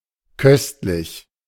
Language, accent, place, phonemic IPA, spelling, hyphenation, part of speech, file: German, Germany, Berlin, /ˈkœstlɪç/, köstlich, köst‧lich, adjective, De-köstlich.ogg
- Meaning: 1. costly; precious 2. exquisite; excellent 3. delicious (pleasing to taste)